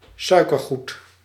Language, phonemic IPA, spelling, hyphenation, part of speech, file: Dutch, /ˈsœykərˌɣut/, suikergoed, sui‧ker‧goed, noun, Nl-suikergoed.ogg
- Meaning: candy (in general), confectionery